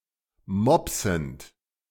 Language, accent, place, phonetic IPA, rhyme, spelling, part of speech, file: German, Germany, Berlin, [ˈmɔpsn̩t], -ɔpsn̩t, mopsend, verb, De-mopsend.ogg
- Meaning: present participle of mopsen